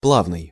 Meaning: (adjective) 1. smooth, even 2. fluent, flowing 3. easy, light; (noun) liquid (the consonant r or l)
- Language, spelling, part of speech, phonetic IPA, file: Russian, плавный, adjective / noun, [ˈpɫavnɨj], Ru-плавный.ogg